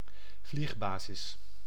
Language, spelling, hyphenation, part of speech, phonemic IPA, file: Dutch, vliegbasis, vlieg‧ba‧sis, noun, /ˈvlixˌbaː.zɪs/, Nl-vliegbasis.ogg
- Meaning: military airbase